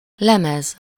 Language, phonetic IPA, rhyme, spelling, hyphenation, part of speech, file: Hungarian, [ˈlɛmɛz], -ɛz, lemez, le‧mez, noun, Hu-lemez.ogg
- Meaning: 1. metal plate, lamina, disk 2. record